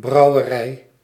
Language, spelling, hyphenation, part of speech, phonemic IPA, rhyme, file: Dutch, brouwerij, brou‧we‧rij, noun, /ˌbrɑu̯əˈrɛi̯/, -ɛi̯, Nl-brouwerij.ogg
- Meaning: 1. brewery 2. the act of brewing